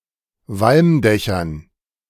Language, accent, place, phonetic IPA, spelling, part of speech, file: German, Germany, Berlin, [ˈvalmˌdɛçɐn], Walmdächern, noun, De-Walmdächern.ogg
- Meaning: dative plural of Walmdach